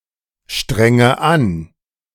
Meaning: inflection of anstrengen: 1. first-person singular present 2. first/third-person singular subjunctive I 3. singular imperative
- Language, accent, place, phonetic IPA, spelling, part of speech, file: German, Germany, Berlin, [ˌʃtʁɛŋə ˈan], strenge an, verb, De-strenge an.ogg